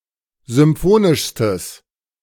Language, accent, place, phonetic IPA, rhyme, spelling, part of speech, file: German, Germany, Berlin, [zʏmˈfoːnɪʃstəs], -oːnɪʃstəs, symphonischstes, adjective, De-symphonischstes.ogg
- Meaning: strong/mixed nominative/accusative neuter singular superlative degree of symphonisch